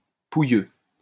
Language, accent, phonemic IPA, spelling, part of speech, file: French, France, /pu.jø/, pouilleux, adjective / noun, LL-Q150 (fra)-pouilleux.wav
- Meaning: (adjective) 1. louse-infested 2. lousy, miserable; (noun) 1. person who has lice 2. lousy, miserable person; a bum